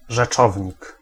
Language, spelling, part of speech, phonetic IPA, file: Polish, rzeczownik, noun, [ʒɛˈt͡ʃɔvʲɲik], Pl-rzeczownik.ogg